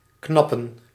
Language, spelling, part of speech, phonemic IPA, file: Dutch, knappen, verb, /ˈknɑ.pə(n)/, Nl-knappen.ogg
- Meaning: to crack